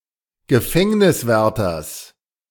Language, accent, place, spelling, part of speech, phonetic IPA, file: German, Germany, Berlin, Gefängniswärters, noun, [ɡəˈfɛŋnɪsˌvɛʁtɐs], De-Gefängniswärters.ogg
- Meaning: genitive singular of Gefängniswärter